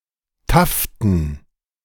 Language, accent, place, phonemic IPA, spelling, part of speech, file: German, Germany, Berlin, /ˈtaftn̩/, taften, adjective, De-taften.ogg
- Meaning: taffeta